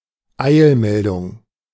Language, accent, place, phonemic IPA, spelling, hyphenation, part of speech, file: German, Germany, Berlin, /ˈaɪ̯lˌmɛldʊŋ/, Eilmeldung, Eil‧mel‧dung, noun, De-Eilmeldung.ogg
- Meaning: breaking news